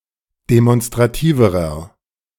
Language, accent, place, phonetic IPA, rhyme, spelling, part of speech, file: German, Germany, Berlin, [demɔnstʁaˈtiːvəʁɐ], -iːvəʁɐ, demonstrativerer, adjective, De-demonstrativerer.ogg
- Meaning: inflection of demonstrativ: 1. strong/mixed nominative masculine singular comparative degree 2. strong genitive/dative feminine singular comparative degree 3. strong genitive plural comparative degree